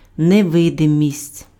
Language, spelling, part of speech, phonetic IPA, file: Ukrainian, невидимість, noun, [neˈʋɪdemʲisʲtʲ], Uk-невидимість.ogg
- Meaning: invisibility